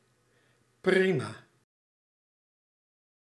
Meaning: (adjective) 1. excellent 2. OK, satisfactory, reasonably good; not exceptional; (adverb) good, fine
- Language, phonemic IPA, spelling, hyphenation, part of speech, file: Dutch, /ˈpri.maː/, prima, pri‧ma, adjective / adverb, Nl-prima.ogg